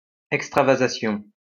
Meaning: extravasation
- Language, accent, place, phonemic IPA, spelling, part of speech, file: French, France, Lyon, /ɛk.stʁa.va.za.sjɔ̃/, extravasation, noun, LL-Q150 (fra)-extravasation.wav